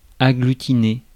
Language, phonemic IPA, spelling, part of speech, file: French, /a.ɡly.ti.ne/, agglutiner, verb, Fr-agglutiner.ogg
- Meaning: 1. to paste (together) 2. to agglutinate